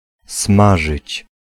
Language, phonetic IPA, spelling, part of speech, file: Polish, [ˈsmaʒɨt͡ɕ], smażyć, verb, Pl-smażyć.ogg